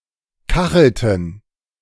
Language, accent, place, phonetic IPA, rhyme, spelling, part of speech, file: German, Germany, Berlin, [ˈkaxl̩tn̩], -axl̩tn̩, kachelten, verb, De-kachelten.ogg
- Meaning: inflection of kacheln: 1. first/third-person plural preterite 2. first/third-person plural subjunctive II